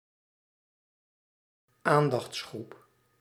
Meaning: group (of people) that needs special attention
- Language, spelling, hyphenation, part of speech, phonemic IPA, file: Dutch, aandachtsgroep, aan‧dachts‧groep, noun, /ˈaːn.dɑxtsˌxrup/, Nl-aandachtsgroep.ogg